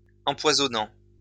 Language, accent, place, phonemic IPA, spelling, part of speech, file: French, France, Lyon, /ɑ̃.pwa.zɔ.nɑ̃/, empoisonnant, verb, LL-Q150 (fra)-empoisonnant.wav
- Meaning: present participle of empoisonner